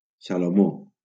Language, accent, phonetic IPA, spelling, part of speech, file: Catalan, Valencia, [sa.loˈmo], Salomó, proper noun, LL-Q7026 (cat)-Salomó.wav
- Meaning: Solomon